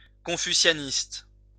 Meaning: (adjective) Confucianist
- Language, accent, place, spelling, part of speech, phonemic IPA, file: French, France, Lyon, confucianiste, adjective / noun, /kɔ̃.fy.sja.nist/, LL-Q150 (fra)-confucianiste.wav